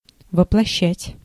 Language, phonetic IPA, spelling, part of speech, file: Russian, [vəpɫɐˈɕːætʲ], воплощать, verb, Ru-воплощать.ogg
- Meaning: 1. to incarnate, to embody, to personify 2. to realize (a dream, a project, etc.)